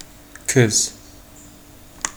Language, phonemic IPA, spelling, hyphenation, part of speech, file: Turkish, /kɯz/, kız, kız, noun / verb, Tr-kız.oga
- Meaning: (noun) 1. girl 2. daughter 3. queen in card games; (verb) second-person singular imperative of kızmak